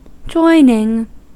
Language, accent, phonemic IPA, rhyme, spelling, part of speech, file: English, US, /ˈd͡ʒɔɪnɪŋ/, -ɔɪnɪŋ, joining, verb / noun, En-us-joining.ogg
- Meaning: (verb) present participle and gerund of join; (noun) The act or result of joining; a joint or juncture